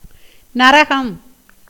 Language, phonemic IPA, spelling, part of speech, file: Tamil, /nɐɾɐɡɐm/, நரகம், noun, Ta-நரகம்.ogg
- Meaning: hell